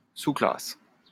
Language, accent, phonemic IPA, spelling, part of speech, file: French, France, /su.klas/, sous-classe, verb / noun, LL-Q150 (fra)-sous-classe.wav
- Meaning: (verb) inflection of sous-classer: 1. first/third-person singular present indicative/subjunctive 2. second-person singular imperative; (noun) subclass